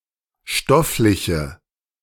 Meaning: inflection of stofflich: 1. strong/mixed nominative/accusative feminine singular 2. strong nominative/accusative plural 3. weak nominative all-gender singular
- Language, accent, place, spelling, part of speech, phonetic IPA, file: German, Germany, Berlin, stoffliche, adjective, [ˈʃtɔflɪçə], De-stoffliche.ogg